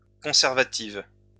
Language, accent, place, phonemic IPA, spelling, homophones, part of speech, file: French, France, Lyon, /kɔ̃.sɛʁ.va.tiv/, conservative, conservatives, adjective, LL-Q150 (fra)-conservative.wav
- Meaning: feminine singular of conservatif